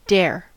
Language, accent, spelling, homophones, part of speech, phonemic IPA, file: English, General American, dare, Dair / dear, verb / noun, /dɛ(ə)ɹ/, En-us-dare.ogg
- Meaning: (verb) 1. To have enough courage (to do something) 2. To defy or challenge (someone to do something) 3. To have enough courage to meet or do something, go somewhere, etc.; to face up to